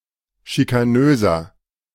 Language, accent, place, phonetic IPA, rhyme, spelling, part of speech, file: German, Germany, Berlin, [ʃikaˈnøːzɐ], -øːzɐ, schikanöser, adjective, De-schikanöser.ogg
- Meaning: 1. comparative degree of schikanös 2. inflection of schikanös: strong/mixed nominative masculine singular 3. inflection of schikanös: strong genitive/dative feminine singular